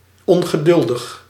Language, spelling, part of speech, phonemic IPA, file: Dutch, ongeduldig, adjective, /ˌɔŋɣəˈdʏldəx/, Nl-ongeduldig.ogg
- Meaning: impatient